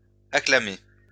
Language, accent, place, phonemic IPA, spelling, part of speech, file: French, France, Lyon, /a.kla.me/, acclamé, verb, LL-Q150 (fra)-acclamé.wav
- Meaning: past participle of acclamer